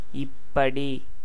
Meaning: in this way, manner
- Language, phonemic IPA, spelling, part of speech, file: Tamil, /ɪpːɐɖiː/, இப்படி, adverb, Ta-இப்படி.ogg